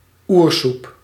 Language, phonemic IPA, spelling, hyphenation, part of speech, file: Dutch, /ˈur.sup/, oersoep, oer‧soep, noun, Nl-oersoep.ogg
- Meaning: primordial soup, primordial sea